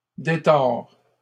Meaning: third-person singular present indicative of détordre
- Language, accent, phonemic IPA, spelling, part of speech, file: French, Canada, /de.tɔʁ/, détord, verb, LL-Q150 (fra)-détord.wav